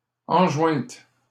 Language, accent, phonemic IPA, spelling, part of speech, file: French, Canada, /ɑ̃.ʒwɛ̃t/, enjointe, verb, LL-Q150 (fra)-enjointe.wav
- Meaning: feminine singular of enjoint